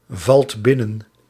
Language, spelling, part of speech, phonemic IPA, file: Dutch, valt binnen, verb, /ˈvɑlt ˈbɪnən/, Nl-valt binnen.ogg
- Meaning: inflection of binnenvallen: 1. second/third-person singular present indicative 2. plural imperative